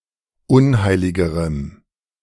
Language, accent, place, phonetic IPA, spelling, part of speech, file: German, Germany, Berlin, [ˈʊnˌhaɪ̯lɪɡəʁəm], unheiligerem, adjective, De-unheiligerem.ogg
- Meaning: strong dative masculine/neuter singular comparative degree of unheilig